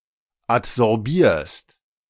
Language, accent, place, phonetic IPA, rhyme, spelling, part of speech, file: German, Germany, Berlin, [atzɔʁˈbiːɐ̯st], -iːɐ̯st, adsorbierst, verb, De-adsorbierst.ogg
- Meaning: second-person singular present of adsorbieren